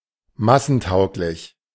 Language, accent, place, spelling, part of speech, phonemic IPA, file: German, Germany, Berlin, massentauglich, adjective, /ˈmasn̩ˌtaʊ̯klɪç/, De-massentauglich.ogg
- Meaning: popular, mainstream (suitable for the mass of the people)